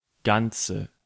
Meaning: inflection of ganz: 1. strong/mixed nominative/accusative feminine singular 2. strong nominative/accusative plural 3. weak nominative all-gender singular 4. weak accusative feminine/neuter singular
- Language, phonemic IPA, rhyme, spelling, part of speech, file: German, /ɡantsə/, -antsə, ganze, adjective, De-ganze.ogg